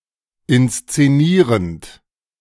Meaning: present participle of inszenieren
- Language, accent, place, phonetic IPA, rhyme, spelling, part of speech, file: German, Germany, Berlin, [ɪnst͡seˈniːʁənt], -iːʁənt, inszenierend, verb, De-inszenierend.ogg